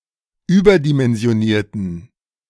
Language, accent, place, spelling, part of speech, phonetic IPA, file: German, Germany, Berlin, überdimensionierten, adjective, [ˈyːbɐdimɛnzi̯oˌniːɐ̯tn̩], De-überdimensionierten.ogg
- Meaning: inflection of überdimensioniert: 1. strong genitive masculine/neuter singular 2. weak/mixed genitive/dative all-gender singular 3. strong/weak/mixed accusative masculine singular